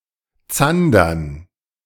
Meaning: dative plural of Zander
- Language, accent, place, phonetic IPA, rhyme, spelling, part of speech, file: German, Germany, Berlin, [ˈt͡sandɐn], -andɐn, Zandern, noun, De-Zandern.ogg